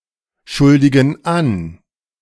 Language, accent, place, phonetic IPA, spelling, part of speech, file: German, Germany, Berlin, [ˌʃʊldɪɡn̩ ˈan], schuldigen an, verb, De-schuldigen an.ogg
- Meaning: inflection of anschuldigen: 1. first/third-person plural present 2. first/third-person plural subjunctive I